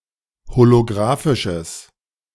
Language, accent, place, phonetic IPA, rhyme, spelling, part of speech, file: German, Germany, Berlin, [holoˈɡʁaːfɪʃəs], -aːfɪʃəs, holografisches, adjective, De-holografisches.ogg
- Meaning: strong/mixed nominative/accusative neuter singular of holografisch